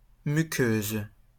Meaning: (adjective) feminine singular of muqueux; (noun) mucosa, mucous membrane
- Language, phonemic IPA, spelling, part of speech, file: French, /my.køz/, muqueuse, adjective / noun, LL-Q150 (fra)-muqueuse.wav